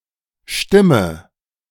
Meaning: 1. voice (speaking or singing), call of an animal 2. vote (a person's submission in an election or voting process)
- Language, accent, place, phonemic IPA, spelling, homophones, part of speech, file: German, Germany, Berlin, /ˈʃtɪmə/, Stimme, stimme, noun, De-Stimme.ogg